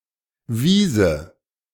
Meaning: first/third-person singular subjunctive II of weisen
- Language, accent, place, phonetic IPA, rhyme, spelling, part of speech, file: German, Germany, Berlin, [ˈviːzə], -iːzə, wiese, verb, De-wiese.ogg